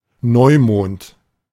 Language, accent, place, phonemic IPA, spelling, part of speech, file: German, Germany, Berlin, /ˈnɔɪ̯moːnt/, Neumond, noun, De-Neumond.ogg
- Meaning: new moon